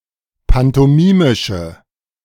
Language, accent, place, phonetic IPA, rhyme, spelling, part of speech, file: German, Germany, Berlin, [pantɔˈmiːmɪʃə], -iːmɪʃə, pantomimische, adjective, De-pantomimische.ogg
- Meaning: inflection of pantomimisch: 1. strong/mixed nominative/accusative feminine singular 2. strong nominative/accusative plural 3. weak nominative all-gender singular